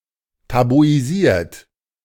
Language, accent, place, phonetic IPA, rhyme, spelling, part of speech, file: German, Germany, Berlin, [tabuiˈziːɐ̯t], -iːɐ̯t, tabuisiert, verb, De-tabuisiert.ogg
- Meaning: 1. past participle of tabuisieren 2. inflection of tabuisieren: third-person singular present 3. inflection of tabuisieren: second-person plural present 4. inflection of tabuisieren: plural imperative